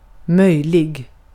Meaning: possible
- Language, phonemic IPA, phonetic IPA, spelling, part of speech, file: Swedish, /²mœjlɪ(ɡ)/, [²mɛ̝ʷjːl̪ɪ(ɡ)], möjlig, adjective, Sv-möjlig.ogg